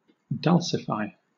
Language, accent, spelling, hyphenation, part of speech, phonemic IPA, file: English, Southern England, dulcify, dul‧cify, verb, /ˈdʌlsɪfaɪ/, LL-Q1860 (eng)-dulcify.wav
- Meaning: 1. To sweeten the taste of 2. To make sweeter or more pleasant 3. To neutralise the acidity of 4. To mollify or make peaceful